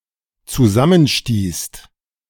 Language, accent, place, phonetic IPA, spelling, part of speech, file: German, Germany, Berlin, [t͡suˈzamənˌʃtiːst], zusammenstießt, verb, De-zusammenstießt.ogg
- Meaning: second-person singular/plural dependent preterite of zusammenstoßen